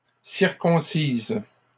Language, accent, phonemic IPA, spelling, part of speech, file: French, Canada, /siʁ.kɔ̃.siz/, circoncisent, verb, LL-Q150 (fra)-circoncisent.wav
- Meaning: third-person plural present indicative/subjunctive of circoncire